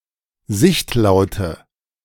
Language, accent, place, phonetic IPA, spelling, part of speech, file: German, Germany, Berlin, [ˈzɪçtˌlaʊ̯tə], sichtlaute, adjective, De-sichtlaute.ogg
- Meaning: inflection of sichtlaut: 1. strong/mixed nominative/accusative feminine singular 2. strong nominative/accusative plural 3. weak nominative all-gender singular